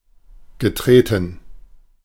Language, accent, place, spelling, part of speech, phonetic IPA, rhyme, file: German, Germany, Berlin, getreten, verb, [ɡəˈtʁeːtn̩], -eːtn̩, De-getreten.ogg
- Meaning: past participle of treten